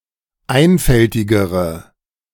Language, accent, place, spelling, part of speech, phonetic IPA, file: German, Germany, Berlin, einfältigere, adjective, [ˈaɪ̯nfɛltɪɡəʁə], De-einfältigere.ogg
- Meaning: inflection of einfältig: 1. strong/mixed nominative/accusative feminine singular comparative degree 2. strong nominative/accusative plural comparative degree